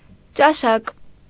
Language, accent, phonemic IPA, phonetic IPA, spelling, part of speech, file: Armenian, Eastern Armenian, /t͡ʃɑˈʃɑk/, [t͡ʃɑʃɑ́k], ճաշակ, noun, Hy-ճաշակ.ogg
- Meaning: taste (person's set of preferences)